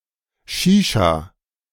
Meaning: alternative spelling of Shisha
- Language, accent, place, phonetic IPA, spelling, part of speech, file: German, Germany, Berlin, [ˈʃiːʃa], Schischa, noun, De-Schischa.ogg